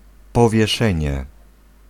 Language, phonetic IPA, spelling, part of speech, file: Polish, [ˌpɔvʲjɛˈʃɛ̃ɲɛ], powieszenie, noun, Pl-powieszenie.ogg